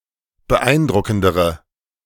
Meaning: inflection of beeindruckend: 1. strong/mixed nominative/accusative feminine singular comparative degree 2. strong nominative/accusative plural comparative degree
- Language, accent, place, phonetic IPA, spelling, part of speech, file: German, Germany, Berlin, [bəˈʔaɪ̯nˌdʁʊkn̩dəʁə], beeindruckendere, adjective, De-beeindruckendere.ogg